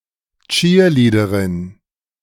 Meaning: A female cheerleader
- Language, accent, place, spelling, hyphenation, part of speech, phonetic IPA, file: German, Germany, Berlin, Cheerleaderin, Cheer‧lea‧de‧rin, noun, [ˈtʃiːɐ̯ˌliːdəʁɪn], De-Cheerleaderin.ogg